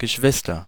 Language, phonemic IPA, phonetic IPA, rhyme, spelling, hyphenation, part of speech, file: German, /ɡəˈʃvɪstər/, [ɡəˈʃʋɪs.tɐ], -ɪstɐ, Geschwister, Ge‧schwis‧ter, noun, De-Geschwister.ogg
- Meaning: sibling